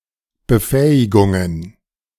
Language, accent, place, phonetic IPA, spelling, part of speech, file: German, Germany, Berlin, [bəˈfɛːɪɡʊŋən], Befähigungen, noun, De-Befähigungen.ogg
- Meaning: plural of Befähigung